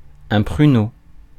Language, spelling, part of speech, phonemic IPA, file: French, pruneau, noun, /pʁy.no/, Fr-pruneau.ogg
- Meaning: 1. prune (dried plum) 2. slug (piece of metal fired from a gun)